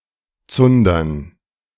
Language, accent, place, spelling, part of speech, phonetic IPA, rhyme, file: German, Germany, Berlin, Zundern, noun, [ˈt͡sʊndɐn], -ʊndɐn, De-Zundern.ogg
- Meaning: dative plural of Zunder